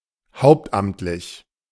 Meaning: full-time (as one's main occupation)
- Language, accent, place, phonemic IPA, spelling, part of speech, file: German, Germany, Berlin, /ˈhaʊ̯ptˌʔamtlɪç/, hauptamtlich, adjective, De-hauptamtlich.ogg